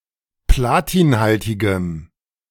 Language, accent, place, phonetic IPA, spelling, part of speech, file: German, Germany, Berlin, [ˈplaːtiːnˌhaltɪɡəm], platinhaltigem, adjective, De-platinhaltigem.ogg
- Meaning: strong dative masculine/neuter singular of platinhaltig